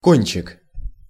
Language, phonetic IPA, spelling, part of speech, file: Russian, [ˈkonʲt͡ɕɪk], кончик, noun, Ru-кончик.ogg
- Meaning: 1. tip, point, cusp (extreme top of something) 2. diminutive of коне́ц (konéc, “end, extremity”)